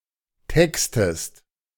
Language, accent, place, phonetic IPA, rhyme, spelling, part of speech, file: German, Germany, Berlin, [ˈtɛkstəst], -ɛkstəst, textest, verb, De-textest.ogg
- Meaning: inflection of texten: 1. second-person singular present 2. second-person singular subjunctive I